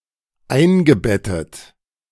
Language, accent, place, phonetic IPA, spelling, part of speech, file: German, Germany, Berlin, [ˈaɪ̯nɡəˌbɛtət], eingebettet, verb, De-eingebettet.ogg
- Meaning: past participle of einbetten